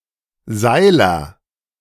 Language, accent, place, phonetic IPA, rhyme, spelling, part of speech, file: German, Germany, Berlin, [ˈzaɪ̯lɐ], -aɪ̯lɐ, Seiler, noun, De-Seiler.ogg
- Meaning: ropemaker